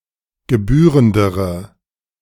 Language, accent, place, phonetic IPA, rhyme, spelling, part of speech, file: German, Germany, Berlin, [ɡəˈbyːʁəndəʁə], -yːʁəndəʁə, gebührendere, adjective, De-gebührendere.ogg
- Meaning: inflection of gebührend: 1. strong/mixed nominative/accusative feminine singular comparative degree 2. strong nominative/accusative plural comparative degree